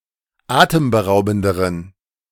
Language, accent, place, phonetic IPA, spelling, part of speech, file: German, Germany, Berlin, [ˈaːtəmbəˌʁaʊ̯bn̩dəʁən], atemberaubenderen, adjective, De-atemberaubenderen.ogg
- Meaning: inflection of atemberaubend: 1. strong genitive masculine/neuter singular comparative degree 2. weak/mixed genitive/dative all-gender singular comparative degree